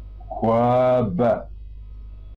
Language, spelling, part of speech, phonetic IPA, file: Kabardian, хуабэ, noun / adjective, [xʷaːba], Xwaba.ogg
- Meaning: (noun) heat; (adjective) hot